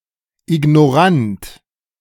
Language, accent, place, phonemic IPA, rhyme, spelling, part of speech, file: German, Germany, Berlin, /ɪɡnɔˈʁant/, -ant, ignorant, adjective, De-ignorant.ogg
- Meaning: willfully ignorant, arrogantly disinterested in knowledge